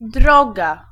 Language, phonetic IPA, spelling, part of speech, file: Polish, [ˈdrɔɡa], droga, noun / adjective, Pl-droga.ogg